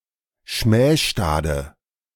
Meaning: inflection of schmähstad: 1. strong/mixed nominative/accusative feminine singular 2. strong nominative/accusative plural 3. weak nominative all-gender singular
- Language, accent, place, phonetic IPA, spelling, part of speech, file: German, Germany, Berlin, [ˈʃmɛːʃtaːdə], schmähstade, adjective, De-schmähstade.ogg